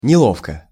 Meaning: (adverb) 1. awkwardly 2. heavy-handedly; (adjective) 1. it is uncomfortable 2. short neuter singular of нело́вкий (nelóvkij)
- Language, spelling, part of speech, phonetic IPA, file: Russian, неловко, adverb / adjective, [nʲɪˈɫofkə], Ru-неловко.ogg